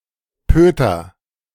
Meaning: buttocks
- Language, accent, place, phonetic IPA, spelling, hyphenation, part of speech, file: German, Germany, Berlin, [ˈpøːtɐ], Pöter, Pö‧ter, noun, De-Pöter.ogg